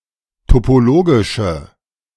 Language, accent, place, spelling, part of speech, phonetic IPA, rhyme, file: German, Germany, Berlin, topologische, adjective, [topoˈloːɡɪʃə], -oːɡɪʃə, De-topologische.ogg
- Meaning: inflection of topologisch: 1. strong/mixed nominative/accusative feminine singular 2. strong nominative/accusative plural 3. weak nominative all-gender singular